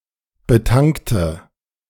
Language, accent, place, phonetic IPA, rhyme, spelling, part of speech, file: German, Germany, Berlin, [bəˈtaŋktə], -aŋktə, betankte, adjective / verb, De-betankte.ogg
- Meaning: inflection of betanken: 1. first/third-person singular preterite 2. first/third-person singular subjunctive II